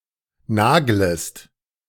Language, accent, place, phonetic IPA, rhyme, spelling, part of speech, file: German, Germany, Berlin, [ˈnaːɡləst], -aːɡləst, naglest, verb, De-naglest.ogg
- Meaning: second-person singular subjunctive I of nageln